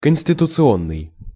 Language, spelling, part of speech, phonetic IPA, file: Russian, конституционный, adjective, [kən⁽ʲ⁾sʲtʲɪtʊt͡sɨˈonːɨj], Ru-конституционный.ogg
- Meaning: constitutional (relating to the (legal or political) constitution)